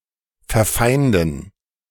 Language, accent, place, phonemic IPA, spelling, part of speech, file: German, Germany, Berlin, /fɛɐ̯ˈfaɪ̯ndn̩/, verfeinden, verb, De-verfeinden.ogg
- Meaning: to make enemies